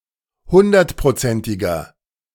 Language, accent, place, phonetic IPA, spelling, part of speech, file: German, Germany, Berlin, [ˈhʊndɐtpʁoˌt͡sɛntɪɡɐ], hundertprozentiger, adjective, De-hundertprozentiger.ogg
- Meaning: inflection of hundertprozentig: 1. strong/mixed nominative masculine singular 2. strong genitive/dative feminine singular 3. strong genitive plural